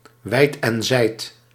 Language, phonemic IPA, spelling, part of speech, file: Dutch, /ˈʋɛi̯t ɛn ˈzɛi̯t/, wijd en zijd, adverb, Nl-wijd en zijd.ogg
- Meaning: widely, (almost) everywhere, far and wide